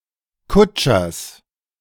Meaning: genitive singular of Kutscher
- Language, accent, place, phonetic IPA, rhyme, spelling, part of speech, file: German, Germany, Berlin, [ˈkʊt͡ʃɐs], -ʊt͡ʃɐs, Kutschers, noun, De-Kutschers.ogg